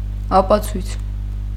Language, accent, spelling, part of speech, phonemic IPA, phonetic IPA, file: Armenian, Eastern Armenian, ապացույց, noun, /ɑpɑˈt͡sʰujt͡sʰ/, [ɑpɑt͡sʰújt͡sʰ], Hy-ապացույց.ogg
- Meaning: proof, evidence